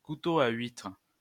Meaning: oyster knife
- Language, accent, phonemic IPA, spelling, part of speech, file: French, France, /ku.to a ɥitʁ/, couteau à huîtres, noun, LL-Q150 (fra)-couteau à huîtres.wav